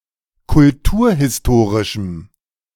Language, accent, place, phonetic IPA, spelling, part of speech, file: German, Germany, Berlin, [kʊlˈtuːɐ̯hɪsˌtoːʁɪʃm̩], kulturhistorischem, adjective, De-kulturhistorischem.ogg
- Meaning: strong dative masculine/neuter singular of kulturhistorisch